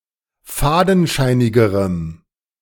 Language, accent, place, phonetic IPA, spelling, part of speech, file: German, Germany, Berlin, [ˈfaːdn̩ˌʃaɪ̯nɪɡəʁəm], fadenscheinigerem, adjective, De-fadenscheinigerem.ogg
- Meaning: strong dative masculine/neuter singular comparative degree of fadenscheinig